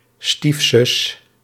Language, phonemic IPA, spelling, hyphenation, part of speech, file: Dutch, /ˈstif.zʏs/, stiefzus, stief‧zus, noun, Nl-stiefzus.ogg
- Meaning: stepsister